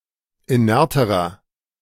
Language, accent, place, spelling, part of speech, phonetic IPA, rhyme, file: German, Germany, Berlin, inerterer, adjective, [iˈnɛʁtəʁɐ], -ɛʁtəʁɐ, De-inerterer.ogg
- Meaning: inflection of inert: 1. strong/mixed nominative masculine singular comparative degree 2. strong genitive/dative feminine singular comparative degree 3. strong genitive plural comparative degree